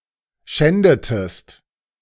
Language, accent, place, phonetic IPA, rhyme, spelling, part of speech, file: German, Germany, Berlin, [ˈʃɛndətəst], -ɛndətəst, schändetest, verb, De-schändetest.ogg
- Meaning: inflection of schänden: 1. second-person singular preterite 2. second-person singular subjunctive II